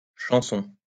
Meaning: plural of chanson
- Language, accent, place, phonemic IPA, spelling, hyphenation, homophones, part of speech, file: French, France, Lyon, /ʃɑ̃.sɔ̃/, chansons, chan‧sons, chanson, noun, LL-Q150 (fra)-chansons.wav